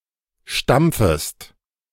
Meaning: second-person singular subjunctive I of stampfen
- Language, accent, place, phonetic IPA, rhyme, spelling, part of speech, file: German, Germany, Berlin, [ˈʃtamp͡fəst], -amp͡fəst, stampfest, verb, De-stampfest.ogg